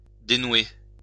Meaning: past participle of dénouer
- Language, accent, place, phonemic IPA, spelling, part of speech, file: French, France, Lyon, /de.nwe/, dénoué, verb, LL-Q150 (fra)-dénoué.wav